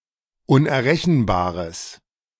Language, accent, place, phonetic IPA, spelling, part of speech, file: German, Germany, Berlin, [ʊnʔɛɐ̯ˈʁɛçn̩baːʁəs], unerrechenbares, adjective, De-unerrechenbares.ogg
- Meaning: strong/mixed nominative/accusative neuter singular of unerrechenbar